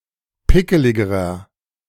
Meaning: inflection of pickelig: 1. strong/mixed nominative masculine singular comparative degree 2. strong genitive/dative feminine singular comparative degree 3. strong genitive plural comparative degree
- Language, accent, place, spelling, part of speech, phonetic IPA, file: German, Germany, Berlin, pickeligerer, adjective, [ˈpɪkəlɪɡəʁɐ], De-pickeligerer.ogg